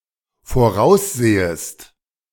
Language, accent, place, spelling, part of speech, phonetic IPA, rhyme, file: German, Germany, Berlin, voraussehest, verb, [foˈʁaʊ̯sˌzeːəst], -aʊ̯szeːəst, De-voraussehest.ogg
- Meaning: second-person singular dependent subjunctive I of voraussehen